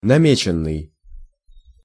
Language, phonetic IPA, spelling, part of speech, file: Russian, [nɐˈmʲet͡ɕɪn(ː)ɨj], намеченный, verb, Ru-намеченный.ogg
- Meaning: past passive perfective participle of наме́тить (namétitʹ)